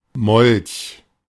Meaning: 1. newt 2. cleaning pig (in pipeline transportation)
- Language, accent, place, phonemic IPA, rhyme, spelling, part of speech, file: German, Germany, Berlin, /mɔlç/, -ɔlç, Molch, noun, De-Molch.ogg